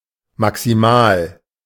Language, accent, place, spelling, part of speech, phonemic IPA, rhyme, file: German, Germany, Berlin, maximal, adjective, /maksiˈmaːl/, -aːl, De-maximal.ogg
- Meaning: maximal